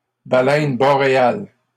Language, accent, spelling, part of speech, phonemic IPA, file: French, Canada, baleine boréale, noun, /ba.lɛn bɔ.ʁe.al/, LL-Q150 (fra)-baleine boréale.wav
- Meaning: bowhead whale